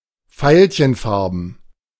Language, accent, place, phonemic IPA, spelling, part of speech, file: German, Germany, Berlin, /ˈfaɪ̯lçənˌfaʁbn̩/, veilchenfarben, adjective, De-veilchenfarben.ogg
- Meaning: violet (in colour)